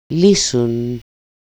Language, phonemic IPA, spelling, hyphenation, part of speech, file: Greek, /ˈli.sun/, λύσουν, λύ‧σουν, verb, El-λύσουν.ogg
- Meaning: third-person plural dependent active of λύνω (lýno)